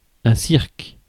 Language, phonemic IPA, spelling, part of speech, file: French, /siʁk/, cirque, noun, Fr-cirque.ogg
- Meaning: 1. circus 2. cirque 3. a circular arena, such as in the ancient Roman Empire 4. a mess, a disorder